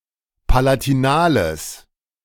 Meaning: strong/mixed nominative/accusative neuter singular of palatinal
- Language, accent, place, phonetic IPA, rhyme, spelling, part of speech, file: German, Germany, Berlin, [palatiˈnaːləs], -aːləs, palatinales, adjective, De-palatinales.ogg